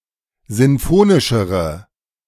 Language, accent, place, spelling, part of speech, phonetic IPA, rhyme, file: German, Germany, Berlin, sinfonischere, adjective, [ˌzɪnˈfoːnɪʃəʁə], -oːnɪʃəʁə, De-sinfonischere.ogg
- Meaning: inflection of sinfonisch: 1. strong/mixed nominative/accusative feminine singular comparative degree 2. strong nominative/accusative plural comparative degree